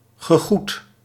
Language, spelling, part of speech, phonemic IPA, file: Dutch, gegoed, adjective, /ɣəˈɣut/, Nl-gegoed.ogg
- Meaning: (adjective) well-to-do; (verb) past participle of goeden